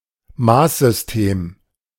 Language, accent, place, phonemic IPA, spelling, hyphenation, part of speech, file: German, Germany, Berlin, /ˈmaːszʏsˌteːm/, Maßsystem, Maß‧sys‧tem, noun, De-Maßsystem.ogg
- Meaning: system of measurement